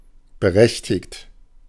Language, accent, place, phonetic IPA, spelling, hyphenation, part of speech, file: German, Germany, Berlin, [bəˈʁɛçtɪkt], berechtigt, be‧rech‧tigt, verb / adjective, De-berechtigt.ogg
- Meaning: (verb) past participle of berechtigen; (adjective) 1. entitled, eligible 2. authorized 3. justified